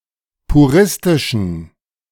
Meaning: inflection of puristisch: 1. strong genitive masculine/neuter singular 2. weak/mixed genitive/dative all-gender singular 3. strong/weak/mixed accusative masculine singular 4. strong dative plural
- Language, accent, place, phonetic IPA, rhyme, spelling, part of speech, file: German, Germany, Berlin, [puˈʁɪstɪʃn̩], -ɪstɪʃn̩, puristischen, adjective, De-puristischen.ogg